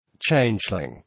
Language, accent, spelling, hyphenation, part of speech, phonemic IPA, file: English, General American, changeling, change‧ling, noun / adjective, /ˈt͡ʃeɪnd͡ʒlɪŋ/, En-us-changeling.oga